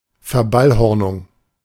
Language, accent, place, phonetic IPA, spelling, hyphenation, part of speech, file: German, Germany, Berlin, [fɛɐ̯ˈbalˌhɔʁnʊŋ], Verballhornung, Ver‧ball‧hor‧nung, noun, De-Verballhornung.ogg
- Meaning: distortion of a word